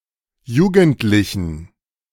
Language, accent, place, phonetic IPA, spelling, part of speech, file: German, Germany, Berlin, [ˈjuːɡn̩tlɪçn̩], jugendlichen, adjective, De-jugendlichen.ogg
- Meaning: inflection of jugendlich: 1. strong genitive masculine/neuter singular 2. weak/mixed genitive/dative all-gender singular 3. strong/weak/mixed accusative masculine singular 4. strong dative plural